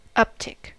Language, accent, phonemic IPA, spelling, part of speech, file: English, US, /ˈʌptɪk/, uptick, noun, En-us-uptick.ogg
- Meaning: 1. A small increase or upward change in something that has been steady or declining 2. A stock market transaction or quote at a price above a preceding one